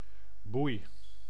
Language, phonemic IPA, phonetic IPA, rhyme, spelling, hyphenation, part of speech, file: Dutch, /bui̯/, [bui̯], -ui̯, boei, boei, noun / verb, Nl-boei.ogg
- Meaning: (noun) 1. buoy 2. shackle; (verb) inflection of boeien: 1. first-person singular present indicative 2. second-person singular present indicative 3. imperative